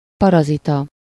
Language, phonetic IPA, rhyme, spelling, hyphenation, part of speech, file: Hungarian, [ˈpɒrɒzitɒ], -tɒ, parazita, pa‧ra‧zi‧ta, noun, Hu-parazita.ogg
- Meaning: parasite